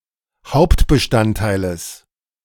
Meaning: genitive singular of Hauptbestandteil
- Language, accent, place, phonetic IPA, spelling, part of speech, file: German, Germany, Berlin, [ˈhaʊ̯ptbəˌʃtanttaɪ̯ləs], Hauptbestandteiles, noun, De-Hauptbestandteiles.ogg